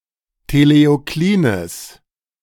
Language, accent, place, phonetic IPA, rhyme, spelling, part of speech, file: German, Germany, Berlin, [teleoˈkliːnəs], -iːnəs, teleoklines, adjective, De-teleoklines.ogg
- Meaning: strong/mixed nominative/accusative neuter singular of teleoklin